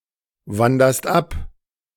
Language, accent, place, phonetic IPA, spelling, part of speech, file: German, Germany, Berlin, [ˌvandɐst ˈap], wanderst ab, verb, De-wanderst ab.ogg
- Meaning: second-person singular present of abwandern